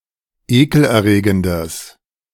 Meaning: strong/mixed nominative/accusative neuter singular of ekelerregend
- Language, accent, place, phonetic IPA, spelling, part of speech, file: German, Germany, Berlin, [ˈeːkl̩ʔɛɐ̯ˌʁeːɡəndəs], ekelerregendes, adjective, De-ekelerregendes.ogg